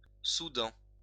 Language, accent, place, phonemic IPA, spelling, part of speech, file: French, France, Lyon, /su.dɑ̃/, soudant, verb, LL-Q150 (fra)-soudant.wav
- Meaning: present participle of souder